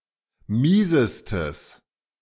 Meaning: strong/mixed nominative/accusative neuter singular superlative degree of mies
- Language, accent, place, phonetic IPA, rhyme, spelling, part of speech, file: German, Germany, Berlin, [ˈmiːzəstəs], -iːzəstəs, miesestes, adjective, De-miesestes.ogg